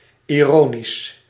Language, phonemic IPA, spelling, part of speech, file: Dutch, /iˈroːnis/, ironisch, adjective / adverb, Nl-ironisch.ogg
- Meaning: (adjective) ironic, ironical; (adverb) ironically